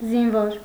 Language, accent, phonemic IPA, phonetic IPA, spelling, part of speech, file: Armenian, Eastern Armenian, /zinˈvoɾ/, [zinvóɾ], զինվոր, noun, Hy-զինվոր.ogg
- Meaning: 1. soldier 2. pawn 3. jack